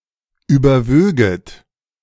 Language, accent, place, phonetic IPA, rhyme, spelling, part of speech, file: German, Germany, Berlin, [ˌyːbɐˈvøːɡət], -øːɡət, überwöget, verb, De-überwöget.ogg
- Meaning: second-person plural subjunctive II of überwiegen